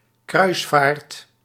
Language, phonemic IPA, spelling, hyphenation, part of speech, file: Dutch, /ˈkrœy̯s.faːrt/, kruisvaart, kruis‧vaart, noun, Nl-kruisvaart.ogg
- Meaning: 1. a crusade, a Christian holy war 2. a quest, a 'sacred' cause